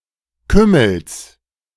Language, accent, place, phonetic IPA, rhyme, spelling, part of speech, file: German, Germany, Berlin, [ˈkʏml̩s], -ʏml̩s, Kümmels, noun, De-Kümmels.ogg
- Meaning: genitive of Kümmel